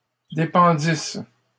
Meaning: third-person plural imperfect subjunctive of dépendre
- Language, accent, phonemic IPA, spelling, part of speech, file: French, Canada, /de.pɑ̃.dis/, dépendissent, verb, LL-Q150 (fra)-dépendissent.wav